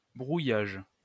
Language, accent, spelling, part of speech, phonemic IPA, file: French, France, brouillage, noun, /bʁu.jaʒ/, LL-Q150 (fra)-brouillage.wav
- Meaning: jamming, interference